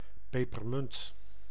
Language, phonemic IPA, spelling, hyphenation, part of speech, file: Dutch, /ˌpeː.pərˈmʏnt/, pepermunt, pe‧per‧munt, noun, Nl-pepermunt.ogg
- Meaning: 1. a peppermint plant (Mentha × piperita) 2. a mint, a peppermint (sweet)